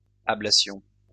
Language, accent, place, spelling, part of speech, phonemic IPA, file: French, France, Lyon, ablations, noun, /a.bla.sjɔ̃/, LL-Q150 (fra)-ablations.wav
- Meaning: plural of ablation